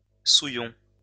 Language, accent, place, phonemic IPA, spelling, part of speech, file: French, France, Lyon, /su.jɔ̃/, souillon, noun, LL-Q150 (fra)-souillon.wav
- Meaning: 1. slob, slovenly person, dirty person 2. woman of ill repute, prostitute 3. a person who makes something dirty 4. a domestic servant who does jobs in which one becomes dirty